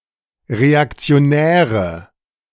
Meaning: nominative/accusative/genitive plural of Reaktionär
- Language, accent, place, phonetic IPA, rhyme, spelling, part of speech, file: German, Germany, Berlin, [ʁeakt͡si̯oˈnɛːʁə], -ɛːʁə, Reaktionäre, noun, De-Reaktionäre.ogg